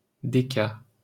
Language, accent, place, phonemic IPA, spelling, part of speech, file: French, France, Paris, /de.ka/, déca-, prefix, LL-Q150 (fra)-déca-.wav
- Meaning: deca-